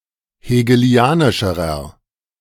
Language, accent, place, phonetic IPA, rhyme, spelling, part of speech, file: German, Germany, Berlin, [heːɡəˈli̯aːnɪʃəʁɐ], -aːnɪʃəʁɐ, hegelianischerer, adjective, De-hegelianischerer.ogg
- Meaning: inflection of hegelianisch: 1. strong/mixed nominative masculine singular comparative degree 2. strong genitive/dative feminine singular comparative degree 3. strong genitive plural comparative degree